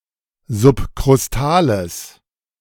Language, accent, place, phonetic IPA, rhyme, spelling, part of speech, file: German, Germany, Berlin, [zʊpkʁʊsˈtaːləs], -aːləs, subkrustales, adjective, De-subkrustales.ogg
- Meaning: strong/mixed nominative/accusative neuter singular of subkrustal